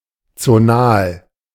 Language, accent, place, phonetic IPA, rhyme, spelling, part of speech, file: German, Germany, Berlin, [t͡soˈnaːl], -aːl, zonal, adjective, De-zonal.ogg
- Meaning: zonal